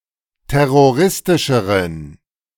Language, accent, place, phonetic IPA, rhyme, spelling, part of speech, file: German, Germany, Berlin, [ˌtɛʁoˈʁɪstɪʃəʁən], -ɪstɪʃəʁən, terroristischeren, adjective, De-terroristischeren.ogg
- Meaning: inflection of terroristisch: 1. strong genitive masculine/neuter singular comparative degree 2. weak/mixed genitive/dative all-gender singular comparative degree